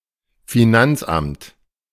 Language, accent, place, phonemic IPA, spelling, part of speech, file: German, Germany, Berlin, /fiˈnantsˌʔamt/, Finanzamt, noun, De-Finanzamt.ogg
- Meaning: tax office, tax authority, revenue office, finance authority